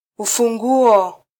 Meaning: key (device designed to open and close a lock)
- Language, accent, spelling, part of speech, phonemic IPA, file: Swahili, Kenya, ufunguo, noun, /u.fuˈᵑɡu.ɔ/, Sw-ke-ufunguo.flac